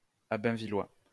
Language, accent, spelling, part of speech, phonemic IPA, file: French, France, abainvillois, adjective, /a.bɛ̃.vi.lwa/, LL-Q150 (fra)-abainvillois.wav
- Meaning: of Abainville